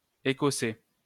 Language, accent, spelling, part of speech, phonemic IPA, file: French, France, écosser, verb, /e.kɔ.se/, LL-Q150 (fra)-écosser.wav
- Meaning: to shell (e.g. a nut)